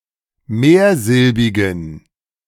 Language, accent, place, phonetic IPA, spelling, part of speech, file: German, Germany, Berlin, [ˈmeːɐ̯ˌzɪlbɪɡn̩], mehrsilbigen, adjective, De-mehrsilbigen.ogg
- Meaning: inflection of mehrsilbig: 1. strong genitive masculine/neuter singular 2. weak/mixed genitive/dative all-gender singular 3. strong/weak/mixed accusative masculine singular 4. strong dative plural